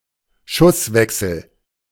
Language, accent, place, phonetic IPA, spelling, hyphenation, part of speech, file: German, Germany, Berlin, [ˈʃʊsˌvɛksl̩], Schusswechsel, Schuss‧wech‧sel, noun, De-Schusswechsel.ogg
- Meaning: exchange of fire